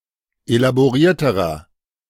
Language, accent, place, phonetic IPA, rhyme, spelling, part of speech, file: German, Germany, Berlin, [elaboˈʁiːɐ̯təʁɐ], -iːɐ̯təʁɐ, elaborierterer, adjective, De-elaborierterer.ogg
- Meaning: inflection of elaboriert: 1. strong/mixed nominative masculine singular comparative degree 2. strong genitive/dative feminine singular comparative degree 3. strong genitive plural comparative degree